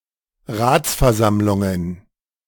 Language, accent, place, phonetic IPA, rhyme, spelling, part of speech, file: German, Germany, Berlin, [ˈʁaːt͡sfɛɐ̯ˌzamlʊŋən], -aːt͡sfɛɐ̯zamlʊŋən, Ratsversammlungen, noun, De-Ratsversammlungen.ogg
- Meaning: plural of Ratsversammlung